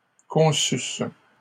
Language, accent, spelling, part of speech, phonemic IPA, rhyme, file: French, Canada, conçusse, verb, /kɔ̃.sys/, -ys, LL-Q150 (fra)-conçusse.wav
- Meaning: first-person singular imperfect subjunctive of concevoir